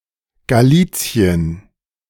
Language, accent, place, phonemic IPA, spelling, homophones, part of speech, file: German, Germany, Berlin, /ɡaˈliːt͡si̯ən/, Galizien, Galicien, proper noun, De-Galizien.ogg
- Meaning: Galicia (former kingdom and geographical area in Central Europe, now divided between Poland and Ukraine)